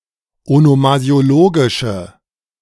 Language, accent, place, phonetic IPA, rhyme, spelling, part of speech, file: German, Germany, Berlin, [onomazi̯oˈloːɡɪʃə], -oːɡɪʃə, onomasiologische, adjective, De-onomasiologische.ogg
- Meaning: inflection of onomasiologisch: 1. strong/mixed nominative/accusative feminine singular 2. strong nominative/accusative plural 3. weak nominative all-gender singular